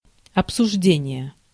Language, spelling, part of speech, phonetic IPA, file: Russian, обсуждение, noun, [ɐpsʊʐˈdʲenʲɪje], Ru-обсуждение.ogg
- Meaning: discussion